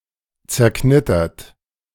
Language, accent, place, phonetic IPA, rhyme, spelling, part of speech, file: German, Germany, Berlin, [t͡sɛɐ̯ˈknɪtɐt], -ɪtɐt, zerknittert, verb, De-zerknittert.ogg
- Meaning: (verb) past participle of zerknittern; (adjective) crinkled, rumpled